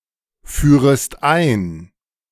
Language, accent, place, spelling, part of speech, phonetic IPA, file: German, Germany, Berlin, führest ein, verb, [ˌfyːʁəst ˈaɪ̯n], De-führest ein.ogg
- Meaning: second-person singular subjunctive I of einführen